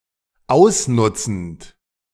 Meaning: present participle of ausnutzen
- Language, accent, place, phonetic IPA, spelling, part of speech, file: German, Germany, Berlin, [ˈaʊ̯sˌnʊt͡sn̩t], ausnutzend, verb, De-ausnutzend.ogg